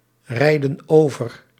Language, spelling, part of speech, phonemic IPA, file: Dutch, rijden over, verb, /ˈrɛidə(n) ˈovər/, Nl-rijden over.ogg
- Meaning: inflection of overrijden: 1. plural present indicative 2. plural present subjunctive